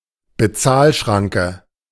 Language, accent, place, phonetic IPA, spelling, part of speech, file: German, Germany, Berlin, [bəˈtsaːlˌʃʀaŋkə], Bezahlschranke, noun, De-Bezahlschranke.ogg
- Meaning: paywall